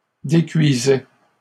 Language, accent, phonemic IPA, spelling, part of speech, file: French, Canada, /de.kɥi.zɛ/, décuisaient, verb, LL-Q150 (fra)-décuisaient.wav
- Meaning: third-person plural imperfect indicative of décuire